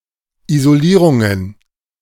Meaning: plural of Isolierung
- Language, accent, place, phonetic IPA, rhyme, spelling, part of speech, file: German, Germany, Berlin, [ˌizoˈliːʁʊŋən], -iːʁʊŋən, Isolierungen, noun, De-Isolierungen.ogg